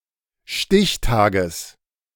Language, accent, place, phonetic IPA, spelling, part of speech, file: German, Germany, Berlin, [ˈʃtɪçˌtaːɡəs], Stichtages, noun, De-Stichtages.ogg
- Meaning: genitive singular of Stichtag